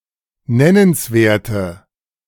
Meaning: inflection of nennenswert: 1. strong/mixed nominative/accusative feminine singular 2. strong nominative/accusative plural 3. weak nominative all-gender singular
- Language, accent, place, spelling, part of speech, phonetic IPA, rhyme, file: German, Germany, Berlin, nennenswerte, adjective, [ˈnɛnənsˌveːɐ̯tə], -ɛnənsveːɐ̯tə, De-nennenswerte.ogg